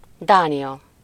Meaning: Denmark (a country in Northern Europe; official name: Dán Királyság)
- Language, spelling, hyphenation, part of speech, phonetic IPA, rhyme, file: Hungarian, Dánia, Dá‧nia, proper noun, [ˈdaːnijɒ], -jɒ, Hu-Dánia.ogg